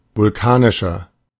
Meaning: inflection of vulkanisch: 1. strong/mixed nominative masculine singular 2. strong genitive/dative feminine singular 3. strong genitive plural
- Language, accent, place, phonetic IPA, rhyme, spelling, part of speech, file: German, Germany, Berlin, [vʊlˈkaːnɪʃɐ], -aːnɪʃɐ, vulkanischer, adjective, De-vulkanischer.ogg